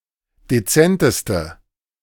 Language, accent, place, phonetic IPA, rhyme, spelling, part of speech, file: German, Germany, Berlin, [deˈt͡sɛntəstə], -ɛntəstə, dezenteste, adjective, De-dezenteste.ogg
- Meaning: inflection of dezent: 1. strong/mixed nominative/accusative feminine singular superlative degree 2. strong nominative/accusative plural superlative degree